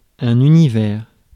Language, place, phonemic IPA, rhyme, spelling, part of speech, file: French, Paris, /y.ni.vɛʁ/, -ɛʁ, univers, noun, Fr-univers.ogg
- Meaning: universe